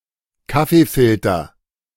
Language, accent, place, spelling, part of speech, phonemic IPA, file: German, Germany, Berlin, Kaffeefilter, noun, /ˈkafefɪltɐ/, De-Kaffeefilter.ogg
- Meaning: coffee filter